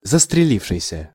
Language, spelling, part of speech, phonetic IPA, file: Russian, застрелившийся, verb, [zəstrʲɪˈlʲifʂɨjsʲə], Ru-застрелившийся.ogg
- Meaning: past active perfective participle of застрели́ться (zastrelítʹsja)